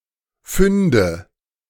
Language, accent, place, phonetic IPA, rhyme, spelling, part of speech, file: German, Germany, Berlin, [ˈfʏndə], -ʏndə, Fünde, noun, De-Fünde.ogg
- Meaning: nominative/accusative/genitive plural of Fund